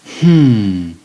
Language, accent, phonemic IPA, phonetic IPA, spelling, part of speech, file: English, US, /hm̩ː/, [m̥m̩ː˦˨], hmmm, interjection, En-us-hmmm.ogg
- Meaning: Elongated form of hmm